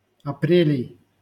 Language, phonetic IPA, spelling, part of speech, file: Russian, [ɐˈprʲelʲɪj], апрелей, noun, LL-Q7737 (rus)-апрелей.wav
- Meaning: genitive plural of апре́ль (aprélʹ)